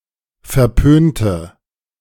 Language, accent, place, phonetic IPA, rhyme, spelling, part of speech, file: German, Germany, Berlin, [fɛɐ̯ˈpøːntə], -øːntə, verpönte, adjective, De-verpönte.ogg
- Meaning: inflection of verpönt: 1. strong/mixed nominative/accusative feminine singular 2. strong nominative/accusative plural 3. weak nominative all-gender singular 4. weak accusative feminine/neuter singular